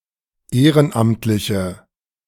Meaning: inflection of ehrenamtlich: 1. strong/mixed nominative/accusative feminine singular 2. strong nominative/accusative plural 3. weak nominative all-gender singular
- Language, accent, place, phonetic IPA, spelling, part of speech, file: German, Germany, Berlin, [ˈeːʁənˌʔamtlɪçə], ehrenamtliche, adjective, De-ehrenamtliche.ogg